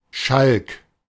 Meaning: joker; rogue (male or of unspecified gender)
- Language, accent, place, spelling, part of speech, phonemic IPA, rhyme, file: German, Germany, Berlin, Schalk, noun, /ʃalk/, -alk, De-Schalk.ogg